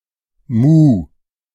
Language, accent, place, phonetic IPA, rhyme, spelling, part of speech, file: German, Germany, Berlin, [muː], -uː, muh, interjection / verb, De-muh.ogg
- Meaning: moo